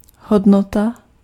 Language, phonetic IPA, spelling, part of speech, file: Czech, [ˈɦodnota], hodnota, noun, Cs-hodnota.ogg
- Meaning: 1. value (that renders something desirable or valuable) 2. value (numerical quantity)